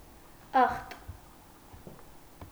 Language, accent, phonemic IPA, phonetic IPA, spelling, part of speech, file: Armenian, Eastern Armenian, /ɑχt/, [ɑχt], ախտ, noun, Hy-ախտ.ogg
- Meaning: disease, illness